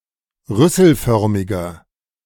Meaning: inflection of rüsselförmig: 1. strong/mixed nominative masculine singular 2. strong genitive/dative feminine singular 3. strong genitive plural
- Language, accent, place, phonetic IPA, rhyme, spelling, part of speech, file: German, Germany, Berlin, [ˈʁʏsl̩ˌfœʁmɪɡɐ], -ʏsl̩fœʁmɪɡɐ, rüsselförmiger, adjective, De-rüsselförmiger.ogg